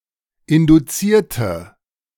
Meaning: inflection of induziert: 1. strong/mixed nominative/accusative feminine singular 2. strong nominative/accusative plural 3. weak nominative all-gender singular
- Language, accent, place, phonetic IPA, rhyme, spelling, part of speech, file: German, Germany, Berlin, [ˌɪnduˈt͡siːɐ̯tə], -iːɐ̯tə, induzierte, adjective / verb, De-induzierte.ogg